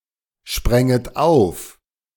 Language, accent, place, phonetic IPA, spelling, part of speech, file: German, Germany, Berlin, [ˌʃpʁɛŋət ˈaʊ̯f], spränget auf, verb, De-spränget auf.ogg
- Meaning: second-person plural subjunctive II of aufspringen